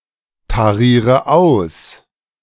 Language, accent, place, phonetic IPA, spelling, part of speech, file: German, Germany, Berlin, [taˌʁiːʁə ˈaʊ̯s], tariere aus, verb, De-tariere aus.ogg
- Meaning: inflection of austarieren: 1. first-person singular present 2. first/third-person singular subjunctive I 3. singular imperative